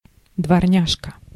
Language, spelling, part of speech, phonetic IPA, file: Russian, дворняжка, noun, [dvɐrˈnʲaʂkə], Ru-дворняжка.ogg
- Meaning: diminutive of дворня́га (dvornjága): cur, mutt, mongrel